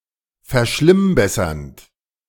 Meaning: present participle of verschlimmbessern
- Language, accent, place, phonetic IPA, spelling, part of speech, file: German, Germany, Berlin, [fɛɐ̯ˈʃlɪmˌbɛsɐnt], verschlimmbessernd, verb, De-verschlimmbessernd.ogg